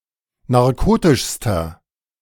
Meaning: inflection of narkotisch: 1. strong/mixed nominative masculine singular superlative degree 2. strong genitive/dative feminine singular superlative degree 3. strong genitive plural superlative degree
- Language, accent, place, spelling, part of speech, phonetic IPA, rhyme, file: German, Germany, Berlin, narkotischster, adjective, [naʁˈkoːtɪʃstɐ], -oːtɪʃstɐ, De-narkotischster.ogg